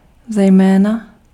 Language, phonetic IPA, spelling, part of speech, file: Czech, [ˈzɛjmɛːna], zejména, adverb, Cs-zejména.ogg
- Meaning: especially, particularly